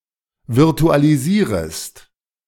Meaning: second-person singular subjunctive I of virtualisieren
- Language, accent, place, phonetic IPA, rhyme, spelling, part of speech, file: German, Germany, Berlin, [vɪʁtualiˈziːʁəst], -iːʁəst, virtualisierest, verb, De-virtualisierest.ogg